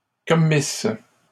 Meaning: first-person singular imperfect subjunctive of commettre
- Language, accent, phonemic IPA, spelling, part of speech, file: French, Canada, /kɔ.mis/, commisse, verb, LL-Q150 (fra)-commisse.wav